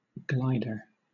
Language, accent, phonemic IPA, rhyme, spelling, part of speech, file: English, Southern England, /ˈɡlaɪdə(ɹ)/, -aɪdə(ɹ), glider, noun, LL-Q1860 (eng)-glider.wav
- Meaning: 1. One who glides 2. Any heavier-than-air aircraft optimised for unpowered flight; a sailplane 3. A pilot of glider aircraft